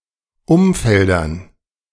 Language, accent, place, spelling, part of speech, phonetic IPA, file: German, Germany, Berlin, Umfeldern, noun, [ˈʊmˌfɛldɐn], De-Umfeldern.ogg
- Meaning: dative plural of Umfeld